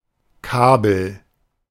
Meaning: 1. cable (electronic wire) 2. telegram 3. thick rope
- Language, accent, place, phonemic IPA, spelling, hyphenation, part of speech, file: German, Germany, Berlin, /ˈkaːbəl/, Kabel, Ka‧bel, noun, De-Kabel.ogg